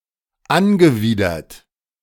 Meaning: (verb) past participle of anwidern; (adjective) disgusted
- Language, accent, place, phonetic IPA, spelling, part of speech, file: German, Germany, Berlin, [ˈanɡəˌviːdɐt], angewidert, adjective / verb, De-angewidert.ogg